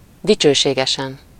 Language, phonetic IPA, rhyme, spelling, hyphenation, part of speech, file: Hungarian, [ˈdit͡ʃøːʃeːɡɛʃɛn], -ɛn, dicsőségesen, di‧cső‧sé‧ge‧sen, adverb / adjective, Hu-dicsőségesen.ogg
- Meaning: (adverb) gloriously; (adjective) superessive singular of dicsőséges